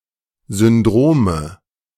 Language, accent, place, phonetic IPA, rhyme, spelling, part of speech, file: German, Germany, Berlin, [zʏnˈdʁoːmə], -oːmə, Syndrome, noun, De-Syndrome.ogg
- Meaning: nominative/accusative/genitive plural of Syndrom